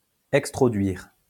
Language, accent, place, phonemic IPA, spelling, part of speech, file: French, France, Lyon, /ɛk.stʁɔ.dɥiʁ/, extroduire, verb, LL-Q150 (fra)-extroduire.wav
- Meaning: to lead out, bring out, remove